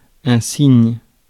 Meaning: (noun) 1. sign (indicator; indication; mathematical polarity) 2. gesture; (verb) inflection of signer: first/third-person singular present indicative/subjunctive
- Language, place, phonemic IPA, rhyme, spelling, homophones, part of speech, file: French, Paris, /siɲ/, -iɲ, signe, cygne / cygnes / signent / signes, noun / verb, Fr-signe.ogg